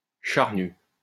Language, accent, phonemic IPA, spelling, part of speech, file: French, France, /ʃaʁ.ny/, charnu, adjective, LL-Q150 (fra)-charnu.wav
- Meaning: fleshy; plump